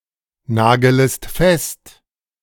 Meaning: second-person singular subjunctive I of festnageln
- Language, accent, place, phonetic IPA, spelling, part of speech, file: German, Germany, Berlin, [ˌnaːɡələst ˈfɛst], nagelest fest, verb, De-nagelest fest.ogg